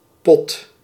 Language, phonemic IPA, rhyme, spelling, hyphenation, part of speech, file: Dutch, /pɔt/, -ɔt, pot, pot, noun / verb, Nl-pot.ogg
- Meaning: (noun) 1. jar, pot, solid container 2. cooking pot 3. kitty or pool (where stakes, etc., are centralized) 4. loo, crapper (toilet) 5. dyke (lesbian)